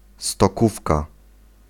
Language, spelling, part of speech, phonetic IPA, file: Polish, stokówka, noun, [stɔˈkufka], Pl-stokówka.ogg